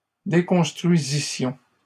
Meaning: first-person plural imperfect subjunctive of déconstruire
- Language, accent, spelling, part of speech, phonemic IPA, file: French, Canada, déconstruisissions, verb, /de.kɔ̃s.tʁɥi.zi.sjɔ̃/, LL-Q150 (fra)-déconstruisissions.wav